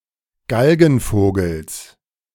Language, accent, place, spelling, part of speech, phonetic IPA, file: German, Germany, Berlin, Galgenvogels, noun, [ˈɡalɡn̩ˌfoːɡl̩s], De-Galgenvogels.ogg
- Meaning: genitive singular of Galgenvogel